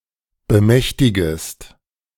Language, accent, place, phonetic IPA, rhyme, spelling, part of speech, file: German, Germany, Berlin, [bəˈmɛçtɪɡəst], -ɛçtɪɡəst, bemächtigest, verb, De-bemächtigest.ogg
- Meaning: second-person singular subjunctive I of bemächtigen